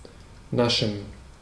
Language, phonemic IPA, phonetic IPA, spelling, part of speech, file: German, /ˈnaʃən/, [ˈnaʃn̩], naschen, verb, De-naschen.ogg
- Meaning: to eat titbits, to graze, to nosh, often (though not necessarily) on the sly, as of sweets or food that is being prepared